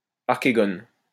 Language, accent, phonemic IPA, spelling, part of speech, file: French, France, /aʁ.ke.ɡɔn/, archégone, noun, LL-Q150 (fra)-archégone.wav
- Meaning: archegonium